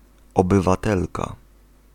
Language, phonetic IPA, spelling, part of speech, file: Polish, [ˌɔbɨvaˈtɛlka], obywatelka, noun, Pl-obywatelka.ogg